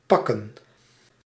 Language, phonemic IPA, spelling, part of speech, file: Dutch, /ˈpɑkə(n)/, pakken, verb / noun, Nl-pakken.ogg
- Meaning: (verb) 1. to grab, to take 2. to get, to fetch 3. to pack, to compact 4. to wrap up 5. to fuck; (noun) plural of pak